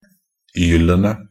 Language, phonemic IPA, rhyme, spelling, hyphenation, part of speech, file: Norwegian Bokmål, /ˈyːlənə/, -ənə, -ylene, -yl‧en‧e, suffix, Nb--ylene.ogg
- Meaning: definite plural form of -yl